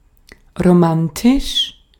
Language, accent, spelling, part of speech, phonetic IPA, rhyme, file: German, Austria, romantisch, adjective, [ʁoˈmantɪʃ], -antɪʃ, De-at-romantisch.ogg
- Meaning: romantic